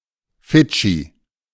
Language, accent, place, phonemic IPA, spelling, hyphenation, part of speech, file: German, Germany, Berlin, /ˈfɪd͡ʒi/, Fidschi, Fi‧d‧schi, proper noun / noun, De-Fidschi.ogg
- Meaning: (proper noun) 1. Fiji (a country and archipelago of over 300 islands in Melanesia in Oceania) 2. Fijian (Austronesian language of the Malayo-Polynesian family spoken on Fiji); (noun) Vietnamese person